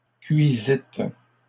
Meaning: second-person plural past historic of cuire
- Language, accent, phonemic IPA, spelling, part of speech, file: French, Canada, /kɥi.zit/, cuisîtes, verb, LL-Q150 (fra)-cuisîtes.wav